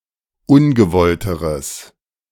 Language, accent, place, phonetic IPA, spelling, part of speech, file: German, Germany, Berlin, [ˈʊnɡəˌvɔltəʁəs], ungewollteres, adjective, De-ungewollteres.ogg
- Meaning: strong/mixed nominative/accusative neuter singular comparative degree of ungewollt